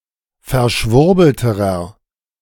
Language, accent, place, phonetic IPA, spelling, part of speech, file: German, Germany, Berlin, [fɛɐ̯ˈʃvʊʁbl̩təʁɐ], verschwurbelterer, adjective, De-verschwurbelterer.ogg
- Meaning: inflection of verschwurbelt: 1. strong/mixed nominative masculine singular comparative degree 2. strong genitive/dative feminine singular comparative degree